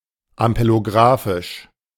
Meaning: ampelographic
- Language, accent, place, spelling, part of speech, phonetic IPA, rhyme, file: German, Germany, Berlin, ampelografisch, adjective, [ampeloˈɡʁaːfɪʃ], -aːfɪʃ, De-ampelografisch.ogg